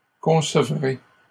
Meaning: first-person singular future of concevoir
- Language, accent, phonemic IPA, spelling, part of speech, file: French, Canada, /kɔ̃.sə.vʁe/, concevrai, verb, LL-Q150 (fra)-concevrai.wav